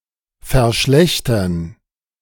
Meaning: 1. to deteriorate (make worse) 2. to worsen; to make worse
- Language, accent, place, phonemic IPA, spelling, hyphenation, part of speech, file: German, Germany, Berlin, /fɛɐ̯ˈʃlɛçtɐn/, verschlechtern, ver‧schlech‧tern, verb, De-verschlechtern.ogg